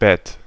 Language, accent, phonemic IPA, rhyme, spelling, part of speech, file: German, Germany, /bɛt/, -ɛt, Bett, noun, De-Bett.ogg
- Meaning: 1. bed (piece of furniture, usually flat and soft, for resting or sleeping on; one's place of sleep or rest) 2. bed (bottom of a body of water, such as an ocean, sea, lake, or river)